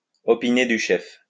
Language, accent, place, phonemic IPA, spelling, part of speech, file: French, France, Lyon, /ɔ.pi.ne dy ʃɛf/, opiner du chef, verb, LL-Q150 (fra)-opiner du chef.wav
- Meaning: to nod in agreement, to nod in approval, to approve